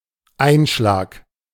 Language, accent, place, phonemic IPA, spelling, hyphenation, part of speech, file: German, Germany, Berlin, /ˈaɪ̯nˌʃlaːk/, Einschlag, Ein‧schlag, noun, De-Einschlag.ogg
- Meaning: 1. impact (the force or energy of a collision of two objects) 2. wrapper, wrapping